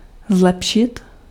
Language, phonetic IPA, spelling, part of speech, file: Czech, [ˈzlɛpʃɪt], zlepšit, verb, Cs-zlepšit.ogg
- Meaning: 1. to improve (something) 2. to improve, to become better